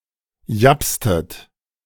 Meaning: inflection of japsen: 1. second-person plural preterite 2. second-person plural subjunctive II
- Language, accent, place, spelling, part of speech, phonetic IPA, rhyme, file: German, Germany, Berlin, japstet, verb, [ˈjapstət], -apstət, De-japstet.ogg